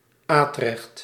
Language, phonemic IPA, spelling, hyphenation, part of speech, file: Dutch, /ˈaː.trɛxt/, Atrecht, Atrecht, proper noun, Nl-Atrecht.ogg
- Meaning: Arras, a city in France